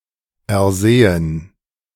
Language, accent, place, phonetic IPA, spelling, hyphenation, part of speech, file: German, Germany, Berlin, [ɛɐ̯ˈzeːən], ersehen, er‧se‧hen, verb, De-ersehen.ogg
- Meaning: 1. to learn 2. to see